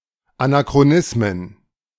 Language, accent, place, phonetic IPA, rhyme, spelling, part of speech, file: German, Germany, Berlin, [anakʁoˈnɪsmən], -ɪsmən, Anachronismen, noun, De-Anachronismen.ogg
- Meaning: plural of Anachronismus